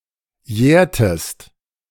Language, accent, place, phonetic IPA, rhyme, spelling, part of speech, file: German, Germany, Berlin, [ˈjɛːɐ̯təst], -ɛːɐ̯təst, jährtest, verb, De-jährtest.ogg
- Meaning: inflection of jähren: 1. second-person singular preterite 2. second-person singular subjunctive II